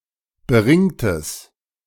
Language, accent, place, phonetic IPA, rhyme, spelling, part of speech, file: German, Germany, Berlin, [bəˈʁɪŋtəs], -ɪŋtəs, beringtes, adjective, De-beringtes.ogg
- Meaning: strong/mixed nominative/accusative neuter singular of beringt